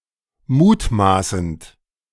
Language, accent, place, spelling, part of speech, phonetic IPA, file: German, Germany, Berlin, mutmaßend, verb, [ˈmuːtˌmaːsn̩t], De-mutmaßend.ogg
- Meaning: present participle of mutmaßen